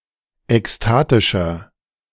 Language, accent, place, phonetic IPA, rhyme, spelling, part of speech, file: German, Germany, Berlin, [ɛksˈtaːtɪʃɐ], -aːtɪʃɐ, ekstatischer, adjective, De-ekstatischer.ogg
- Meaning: 1. comparative degree of ekstatisch 2. inflection of ekstatisch: strong/mixed nominative masculine singular 3. inflection of ekstatisch: strong genitive/dative feminine singular